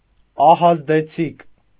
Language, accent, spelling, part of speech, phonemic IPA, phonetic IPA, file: Armenian, Eastern Armenian, ահազդեցիկ, adjective, /ɑhɑzdeˈt͡sʰik/, [ɑhɑzdet͡sʰík], Hy-ահազդեցիկ.ogg
- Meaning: synonym of ահազդու (ahazdu)